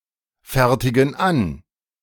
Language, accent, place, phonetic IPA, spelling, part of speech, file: German, Germany, Berlin, [ˌfɛʁtɪɡn̩ ˈan], fertigen an, verb, De-fertigen an.ogg
- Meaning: inflection of anfertigen: 1. first/third-person plural present 2. first/third-person plural subjunctive I